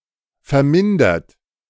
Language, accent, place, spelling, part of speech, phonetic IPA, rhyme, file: German, Germany, Berlin, vermindert, adjective / verb, [fɛɐ̯ˈmɪndɐt], -ɪndɐt, De-vermindert.ogg
- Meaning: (verb) past participle of vermindern; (adjective) diminished, decreased